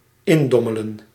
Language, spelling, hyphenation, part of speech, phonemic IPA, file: Dutch, indommelen, in‧dom‧me‧len, verb, /ˈɪnˌdɔ.mə.lə(n)/, Nl-indommelen.ogg
- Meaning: to doze off, to fall asleep